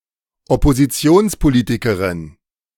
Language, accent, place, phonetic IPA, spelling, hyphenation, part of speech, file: German, Germany, Berlin, [ɔpoziˈtsioːnspoˌliːtikəʁɪn], Oppositionspolitikerin, Op‧po‧si‧ti‧ons‧po‧li‧ti‧ke‧rin, noun, De-Oppositionspolitikerin.ogg
- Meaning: female equivalent of Oppositionspolitiker (“politician of the opposition”)